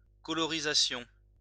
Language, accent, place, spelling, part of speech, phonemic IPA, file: French, France, Lyon, colorisation, noun, /kɔ.lɔ.ʁi.za.sjɔ̃/, LL-Q150 (fra)-colorisation.wav
- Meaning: colorization